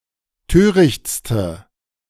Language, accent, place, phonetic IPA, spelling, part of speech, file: German, Germany, Berlin, [ˈtøːʁɪçt͡stə], törichtste, adjective, De-törichtste.ogg
- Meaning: inflection of töricht: 1. strong/mixed nominative/accusative feminine singular superlative degree 2. strong nominative/accusative plural superlative degree